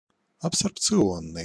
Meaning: absorption, absorptive
- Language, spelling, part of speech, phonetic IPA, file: Russian, абсорбционный, adjective, [ɐpsərpt͡sɨˈonːɨj], Ru-абсорбционный.ogg